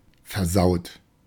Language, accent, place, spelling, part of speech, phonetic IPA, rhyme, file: German, Germany, Berlin, versaut, adjective / verb, [fɛɐ̯ˈzaʊ̯t], -aʊ̯t, De-versaut.ogg
- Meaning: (verb) past participle of versauen; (adjective) 1. filthy 2. kinky, having unusual sexual desires or practices